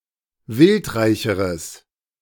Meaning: strong/mixed nominative/accusative neuter singular comparative degree of wildreich
- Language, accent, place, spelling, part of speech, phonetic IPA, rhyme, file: German, Germany, Berlin, wildreicheres, adjective, [ˈvɪltˌʁaɪ̯çəʁəs], -ɪltʁaɪ̯çəʁəs, De-wildreicheres.ogg